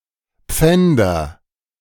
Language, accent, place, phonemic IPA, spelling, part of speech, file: German, Germany, Berlin, /ˈpfɛndɐ/, Pfänder, proper noun / noun, De-Pfänder.ogg
- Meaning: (proper noun) Pfänder (a mountain in Vorarlberg, Austria, near Bregenz and Lake Constance); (noun) nominative/accusative/genitive plural of Pfand